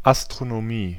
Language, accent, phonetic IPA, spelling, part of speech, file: German, Germany, [ʔastʁonoˈmiː], Astronomie, noun, De-Astronomie.ogg
- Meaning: astronomy